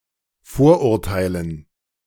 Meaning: dative plural of Vorurteil
- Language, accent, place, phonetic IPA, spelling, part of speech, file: German, Germany, Berlin, [ˈfoːɐ̯ʔʊʁˌtaɪ̯lən], Vorurteilen, noun, De-Vorurteilen.ogg